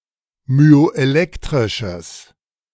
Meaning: strong/mixed nominative/accusative neuter singular of myoelektrisch
- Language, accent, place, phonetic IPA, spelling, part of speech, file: German, Germany, Berlin, [myoʔeˈlɛktʁɪʃəs], myoelektrisches, adjective, De-myoelektrisches.ogg